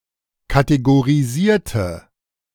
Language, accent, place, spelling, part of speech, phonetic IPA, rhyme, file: German, Germany, Berlin, kategorisierte, adjective / verb, [kateɡoʁiˈziːɐ̯tə], -iːɐ̯tə, De-kategorisierte.ogg
- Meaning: inflection of kategorisieren: 1. first/third-person singular preterite 2. first/third-person singular subjunctive II